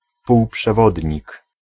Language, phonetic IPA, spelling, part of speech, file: Polish, [ˌpuwpʃɛˈvɔdʲɲik], półprzewodnik, noun, Pl-półprzewodnik.ogg